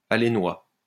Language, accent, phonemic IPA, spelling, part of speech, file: French, France, /a.le.nwa/, alénois, adjective, LL-Q150 (fra)-alénois.wav
- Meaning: of or from Orléans